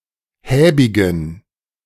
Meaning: inflection of häbig: 1. strong genitive masculine/neuter singular 2. weak/mixed genitive/dative all-gender singular 3. strong/weak/mixed accusative masculine singular 4. strong dative plural
- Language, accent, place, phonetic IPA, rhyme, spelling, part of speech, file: German, Germany, Berlin, [ˈhɛːbɪɡn̩], -ɛːbɪɡn̩, häbigen, adjective, De-häbigen.ogg